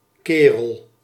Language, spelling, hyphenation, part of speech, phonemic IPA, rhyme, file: Dutch, kerel, ke‧rel, noun, /ˈkeː.rəl/, -eːrəl, Nl-kerel.ogg
- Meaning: 1. lad, fellow, bloke 2. a long overgarment